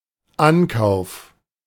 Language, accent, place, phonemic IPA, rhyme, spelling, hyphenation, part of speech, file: German, Germany, Berlin, /ˈanˌkaʊ̯f/, -aʊ̯f, Ankauf, An‧kauf, noun, De-Ankauf.ogg
- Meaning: purchase